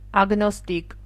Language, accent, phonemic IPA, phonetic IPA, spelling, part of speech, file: Armenian, Eastern Armenian, /ɑɡnosˈtik/, [ɑɡnostík], ագնոստիկ, noun, Hy-ագնոստիկ.ogg
- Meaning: agnostic